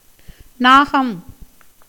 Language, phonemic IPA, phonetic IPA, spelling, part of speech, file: Tamil, /nɑːɡɐm/, [näːɡɐm], நாகம், noun, Ta-நாகம்.ogg
- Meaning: 1. cobra 2. elephant 3. naga 4. sky 5. cloud 6. sound